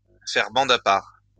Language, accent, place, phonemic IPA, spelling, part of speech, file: French, France, Lyon, /fɛʁ bɑ̃d a paʁ/, faire bande à part, verb, LL-Q150 (fra)-faire bande à part.wav
- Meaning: to keep to oneself, not to join in; to form a separate group